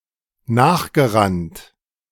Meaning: past participle of nachrennen
- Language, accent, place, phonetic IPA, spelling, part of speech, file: German, Germany, Berlin, [ˈnaːxɡəˌʁant], nachgerannt, verb, De-nachgerannt.ogg